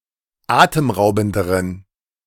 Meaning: inflection of atemraubend: 1. strong genitive masculine/neuter singular comparative degree 2. weak/mixed genitive/dative all-gender singular comparative degree
- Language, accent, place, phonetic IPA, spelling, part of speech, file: German, Germany, Berlin, [ˈaːtəmˌʁaʊ̯bn̩dəʁən], atemraubenderen, adjective, De-atemraubenderen.ogg